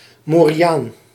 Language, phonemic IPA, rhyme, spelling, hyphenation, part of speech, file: Dutch, /ˌmoː.riˈaːn/, -aːn, moriaan, mo‧ri‧aan, noun, Nl-moriaan.ogg
- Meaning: 1. negro, blackamoor, Moor, Ethiopian 2. Arab, Moor